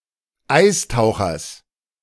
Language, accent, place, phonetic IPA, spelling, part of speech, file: German, Germany, Berlin, [ˈaɪ̯sˌtaʊ̯xɐs], Eistauchers, noun, De-Eistauchers.ogg
- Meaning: genitive singular of Eistaucher